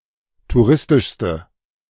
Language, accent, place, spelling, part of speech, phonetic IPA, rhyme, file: German, Germany, Berlin, touristischste, adjective, [tuˈʁɪstɪʃstə], -ɪstɪʃstə, De-touristischste.ogg
- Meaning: inflection of touristisch: 1. strong/mixed nominative/accusative feminine singular superlative degree 2. strong nominative/accusative plural superlative degree